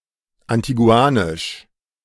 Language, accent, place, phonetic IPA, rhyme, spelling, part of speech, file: German, Germany, Berlin, [antiˈɡu̯aːnɪʃ], -aːnɪʃ, antiguanisch, adjective, De-antiguanisch.ogg
- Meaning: 1. Antiguan (of, from, or pertaining specifically to Antigua or the Antiguan people) 2. of Antigua and Barbuda